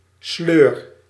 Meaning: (noun) rut; rote; groove (mechanical routine); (verb) inflection of sleuren: 1. first-person singular present indicative 2. second-person singular present indicative 3. imperative
- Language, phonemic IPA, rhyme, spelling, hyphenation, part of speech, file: Dutch, /sløːr/, -øːr, sleur, sleur, noun / verb, Nl-sleur.ogg